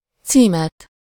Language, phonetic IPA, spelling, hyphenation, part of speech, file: Hungarian, [ˈt͡siːmɛt], címet, cí‧met, noun, Hu-címet.ogg
- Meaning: accusative singular of cím